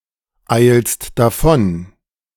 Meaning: second-person singular present of davoneilen
- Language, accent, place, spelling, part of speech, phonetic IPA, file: German, Germany, Berlin, eilst davon, verb, [ˌaɪ̯lst daˈfɔn], De-eilst davon.ogg